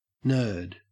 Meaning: 1. A person who is intellectual but generally introverted 2. One who has an intense, obsessive interest in something
- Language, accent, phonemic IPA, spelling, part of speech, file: English, Australia, /nɜːd/, nerd, noun, En-au-nerd.ogg